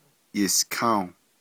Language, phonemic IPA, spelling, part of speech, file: Navajo, /jɪ̀skʰɑ̃́ò/, yiską́o, adverb, Nv-yiską́o.ogg
- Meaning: tomorrow